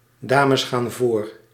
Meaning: ladies first
- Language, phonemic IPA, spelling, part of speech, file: Dutch, /ˈdaːməs ˌxaːn ˈvoːr/, dames gaan voor, phrase, Nl-dames gaan voor.ogg